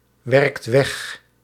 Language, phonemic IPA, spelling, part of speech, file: Dutch, /ˈwɛrᵊkt ˈwɛx/, werkt weg, verb, Nl-werkt weg.ogg
- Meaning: inflection of wegwerken: 1. second/third-person singular present indicative 2. plural imperative